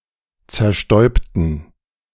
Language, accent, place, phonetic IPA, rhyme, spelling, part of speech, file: German, Germany, Berlin, [t͡sɛɐ̯ˈʃtɔɪ̯ptn̩], -ɔɪ̯ptn̩, zerstäubten, adjective / verb, De-zerstäubten.ogg
- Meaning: inflection of zerstäuben: 1. first/third-person plural preterite 2. first/third-person plural subjunctive II